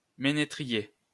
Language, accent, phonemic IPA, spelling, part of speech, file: French, France, /me.ne.tʁi.je/, ménétrier, noun, LL-Q150 (fra)-ménétrier.wav
- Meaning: fiddler (one who plays the fiddle)